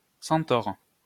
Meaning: centaur (mythical half horse, half man)
- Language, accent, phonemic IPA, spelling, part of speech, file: French, France, /sɑ̃.tɔʁ/, centaure, noun, LL-Q150 (fra)-centaure.wav